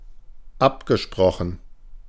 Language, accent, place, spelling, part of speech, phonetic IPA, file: German, Germany, Berlin, abgesprochen, adjective / verb, [ˈapɡəˌʃpʁɔxn̩], De-abgesprochen.ogg
- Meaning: past participle of absprechen